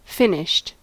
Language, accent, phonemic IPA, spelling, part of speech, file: English, US, /ˈfɪnɪʃt/, finished, adjective / verb, En-us-finished.ogg
- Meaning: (adjective) 1. Processed or perfected 2. Completed; concluded; done 3. Done for; doomed; used up; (verb) simple past and past participle of finish